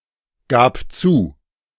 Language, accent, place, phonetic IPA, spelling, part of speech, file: German, Germany, Berlin, [ˌɡaːp ˈt͡suː], gab zu, verb, De-gab zu.ogg
- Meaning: first/third-person singular preterite of zugeben